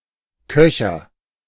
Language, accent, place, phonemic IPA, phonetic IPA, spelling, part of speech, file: German, Germany, Berlin, /ˈkœçəʁ/, [ˈkœ.çɐ], Köcher, noun, De-Köcher.ogg
- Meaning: quiver